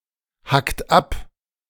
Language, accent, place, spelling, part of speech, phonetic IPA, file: German, Germany, Berlin, hackt ab, verb, [ˌhakt ˈap], De-hackt ab.ogg
- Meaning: inflection of abhacken: 1. second-person plural present 2. third-person singular present 3. plural imperative